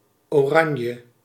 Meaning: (adjective) orange; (noun) the color orange
- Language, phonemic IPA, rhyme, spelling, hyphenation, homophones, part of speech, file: Dutch, /ˌoːˈrɑn.jə/, -ɑnjə, oranje, oran‧je, Oranje, adjective / noun, Nl-oranje.ogg